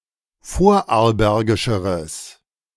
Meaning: strong/mixed nominative/accusative neuter singular comparative degree of vorarlbergisch
- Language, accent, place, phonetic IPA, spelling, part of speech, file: German, Germany, Berlin, [ˈfoːɐ̯ʔaʁlˌbɛʁɡɪʃəʁəs], vorarlbergischeres, adjective, De-vorarlbergischeres.ogg